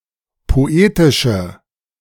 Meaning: inflection of poetisch: 1. strong/mixed nominative/accusative feminine singular 2. strong nominative/accusative plural 3. weak nominative all-gender singular
- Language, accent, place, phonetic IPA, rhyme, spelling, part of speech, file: German, Germany, Berlin, [poˈeːtɪʃə], -eːtɪʃə, poetische, adjective, De-poetische.ogg